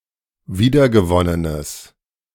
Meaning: strong/mixed nominative/accusative neuter singular of wiedergewonnen
- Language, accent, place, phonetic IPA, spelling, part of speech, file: German, Germany, Berlin, [ˈviːdɐɡəˌvɔnənəs], wiedergewonnenes, adjective, De-wiedergewonnenes.ogg